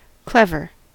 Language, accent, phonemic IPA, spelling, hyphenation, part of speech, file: English, US, /ˈklɛv.ɚ/, clever, clev‧er, adjective, En-us-clever.ogg
- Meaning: 1. Nimble with hands or body; dexterous; skillful; adept 2. Quick to understand, learn, and devise or apply ideas; intelligent